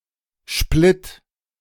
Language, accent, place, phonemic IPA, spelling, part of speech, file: German, Germany, Berlin, /ʃplɪt/, Splitt, noun, De-Splitt.ogg
- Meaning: 1. grit; stone chips (fine gravel) 2. a kind or sort of such grit